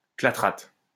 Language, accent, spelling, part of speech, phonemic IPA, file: French, France, clathrate, noun, /kla.tʁat/, LL-Q150 (fra)-clathrate.wav
- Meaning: a clathrate compound